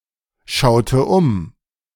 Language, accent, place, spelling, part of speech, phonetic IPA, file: German, Germany, Berlin, schaute um, verb, [ˌʃaʊ̯tə ˈʊm], De-schaute um.ogg
- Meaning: inflection of umschauen: 1. first/third-person singular preterite 2. first/third-person singular subjunctive II